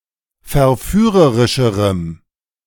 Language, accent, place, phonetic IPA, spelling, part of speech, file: German, Germany, Berlin, [fɛɐ̯ˈfyːʁəʁɪʃəʁəm], verführerischerem, adjective, De-verführerischerem.ogg
- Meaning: strong dative masculine/neuter singular comparative degree of verführerisch